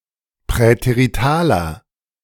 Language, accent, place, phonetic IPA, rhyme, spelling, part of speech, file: German, Germany, Berlin, [pʁɛteʁiˈtaːlɐ], -aːlɐ, präteritaler, adjective, De-präteritaler.ogg
- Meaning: inflection of präterital: 1. strong/mixed nominative masculine singular 2. strong genitive/dative feminine singular 3. strong genitive plural